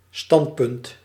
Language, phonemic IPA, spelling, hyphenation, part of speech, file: Dutch, /ˈstɑnt.pʏnt/, standpunt, stand‧punt, noun, Nl-standpunt.ogg
- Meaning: standpoint; point of view